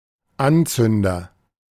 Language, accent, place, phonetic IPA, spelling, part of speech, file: German, Germany, Berlin, [ˈanˌt͡sʏndɐ], Anzünder, noun, De-Anzünder.ogg
- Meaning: agent noun of anzünden: 1. a means for lighting a fire, especially charcoal lighter fluid or firelighters 2. someone who lights something